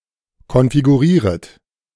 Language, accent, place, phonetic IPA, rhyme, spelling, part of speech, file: German, Germany, Berlin, [kɔnfiɡuˈʁiːʁət], -iːʁət, konfigurieret, verb, De-konfigurieret.ogg
- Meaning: second-person plural subjunctive I of konfigurieren